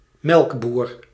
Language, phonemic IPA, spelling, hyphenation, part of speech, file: Dutch, /ˈmɛlk.bur/, melkboer, melk‧boer, noun, Nl-melkboer.ogg
- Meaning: milkman